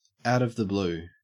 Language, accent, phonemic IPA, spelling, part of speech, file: English, Australia, /aʊt əv ðə ˈbluː/, out of the blue, prepositional phrase, En-au-out of the blue.ogg
- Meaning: Unexpectedly; without warning or preparation